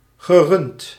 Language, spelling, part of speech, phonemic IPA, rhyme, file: Dutch, gerund, verb, /ɣəˈrʏnt/, -ʏnt, Nl-gerund.ogg
- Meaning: past participle of runnen